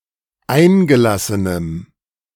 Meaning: strong dative masculine/neuter singular of eingelassen
- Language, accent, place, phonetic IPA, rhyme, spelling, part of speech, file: German, Germany, Berlin, [ˈaɪ̯nɡəˌlasənəm], -aɪ̯nɡəlasənəm, eingelassenem, adjective, De-eingelassenem.ogg